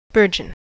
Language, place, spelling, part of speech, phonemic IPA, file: English, California, burgeon, noun / verb, /ˈbɝː.d͡ʒən/, En-us-burgeon.ogg
- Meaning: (noun) A bud, sprout, or shoot; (verb) 1. To grow or expand 2. To swell to the point of bursting 3. Of plants, to bloom, bud